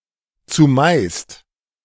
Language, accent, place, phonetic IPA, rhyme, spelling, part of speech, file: German, Germany, Berlin, [t͡suˈmaɪ̯st], -aɪ̯st, zumeist, adverb, De-zumeist.ogg
- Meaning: mostly